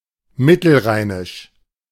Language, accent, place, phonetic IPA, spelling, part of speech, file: German, Germany, Berlin, [ˈmɪtl̩ˌʁaɪ̯nɪʃ], mittelrheinisch, adjective, De-mittelrheinisch.ogg
- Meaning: of the Middle Rhine